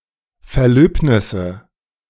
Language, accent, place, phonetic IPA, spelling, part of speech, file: German, Germany, Berlin, [fɛɐ̯ˈløːpnɪsə], Verlöbnisse, noun, De-Verlöbnisse.ogg
- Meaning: nominative/accusative/genitive plural of Verlöbnis